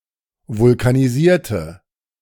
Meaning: inflection of vulkanisieren: 1. first/third-person singular preterite 2. first/third-person singular subjunctive II
- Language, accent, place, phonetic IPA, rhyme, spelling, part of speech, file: German, Germany, Berlin, [vʊlkaniˈziːɐ̯tə], -iːɐ̯tə, vulkanisierte, adjective / verb, De-vulkanisierte.ogg